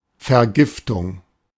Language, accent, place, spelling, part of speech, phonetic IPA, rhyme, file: German, Germany, Berlin, Vergiftung, noun, [fɛɐ̯ˈɡɪftʊŋ], -ɪftʊŋ, De-Vergiftung.ogg
- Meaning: poisoning